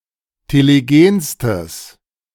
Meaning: strong/mixed nominative/accusative neuter singular superlative degree of telegen
- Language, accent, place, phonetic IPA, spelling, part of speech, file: German, Germany, Berlin, [teleˈɡeːnstəs], telegenstes, adjective, De-telegenstes.ogg